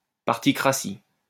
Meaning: partocracy, partitocracy, partocracy
- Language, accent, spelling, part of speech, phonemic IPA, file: French, France, particratie, noun, /paʁ.ti.kʁa.si/, LL-Q150 (fra)-particratie.wav